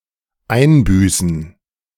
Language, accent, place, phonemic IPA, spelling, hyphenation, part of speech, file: German, Germany, Berlin, /ˈaɪ̯nˌbyːsn̩/, einbüßen, ein‧bü‧ßen, verb, De-einbüßen.ogg
- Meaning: to lose